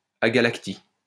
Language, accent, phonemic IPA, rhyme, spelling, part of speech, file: French, France, /a.ɡa.lak.ti/, -i, agalactie, noun, LL-Q150 (fra)-agalactie.wav
- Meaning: agalactia